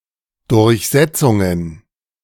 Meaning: plural of Durchsetzung
- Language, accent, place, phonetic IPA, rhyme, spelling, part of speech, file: German, Germany, Berlin, [dʊʁçˈzɛt͡sʊŋən], -ɛt͡sʊŋən, Durchsetzungen, noun, De-Durchsetzungen.ogg